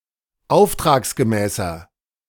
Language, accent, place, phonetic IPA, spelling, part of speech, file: German, Germany, Berlin, [ˈaʊ̯ftʁaːksɡəˌmɛːsɐ], auftragsgemäßer, adjective, De-auftragsgemäßer.ogg
- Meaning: inflection of auftragsgemäß: 1. strong/mixed nominative masculine singular 2. strong genitive/dative feminine singular 3. strong genitive plural